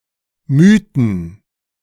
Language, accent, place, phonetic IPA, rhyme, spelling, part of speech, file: German, Germany, Berlin, [ˈmyːtn̩], -yːtn̩, Mythen, noun, De-Mythen.ogg
- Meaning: 1. plural of Mythos 2. plural of Mythus